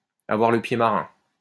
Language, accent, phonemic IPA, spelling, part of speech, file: French, France, /a.vwaʁ lə pje ma.ʁɛ̃/, avoir le pied marin, verb, LL-Q150 (fra)-avoir le pied marin.wav
- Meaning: to have sea legs; to be a good sailor